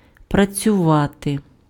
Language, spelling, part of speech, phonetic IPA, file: Ukrainian, працювати, verb, [prɐt͡sʲʊˈʋate], Uk-працювати.ogg
- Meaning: 1. to work (physically or mentally) 2. to have a job 3. to function (about machines, mechanisms) 4. to be open or practicing (about businesses, public accommodations, etc.)